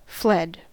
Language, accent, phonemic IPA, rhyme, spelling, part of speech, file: English, US, /ˈflɛd/, -ɛd, fled, verb, En-us-fled.ogg
- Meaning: simple past and past participle of flee